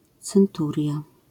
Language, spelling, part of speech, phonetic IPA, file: Polish, centuria, noun, [t͡sɛ̃nˈturʲja], LL-Q809 (pol)-centuria.wav